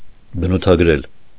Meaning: to depict, to represent, to characterize
- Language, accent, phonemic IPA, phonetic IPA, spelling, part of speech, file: Armenian, Eastern Armenian, /bənutʰɑɡ(ə)ˈɾel/, [bənutʰɑɡ(ə)ɾél], բնութագրել, verb, Hy-բնութագրել.ogg